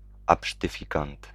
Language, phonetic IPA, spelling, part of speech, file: Polish, [ˌapʃtɨˈfʲikãnt], absztyfikant, noun, Pl-absztyfikant.ogg